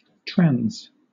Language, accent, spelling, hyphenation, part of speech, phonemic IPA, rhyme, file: English, Southern England, trans, trans, adjective / noun / verb, /tɹænz/, -ænz, LL-Q1860 (eng)-trans.wav
- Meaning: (adjective) In (or constituting, forming, or describing) a double bond in which the greater radical on both ends is on the opposite side of the bond